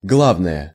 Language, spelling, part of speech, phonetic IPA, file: Russian, главное, noun / adjective, [ˈɡɫavnəjə], Ru-главное.ogg
- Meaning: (noun) 1. the main thing, the essentials 2. chiefly, above all; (adjective) 1. nominative neuter singular of гла́вный (glávnyj, “main, chief”) 2. accusative neuter singular of гла́вный (glávnyj)